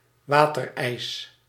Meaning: sorbet (frozen fruit juice)
- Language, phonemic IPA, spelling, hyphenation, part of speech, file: Dutch, /ˈʋaːtərˌɛi̯s/, waterijs, wa‧ter‧ijs, noun, Nl-waterijs.ogg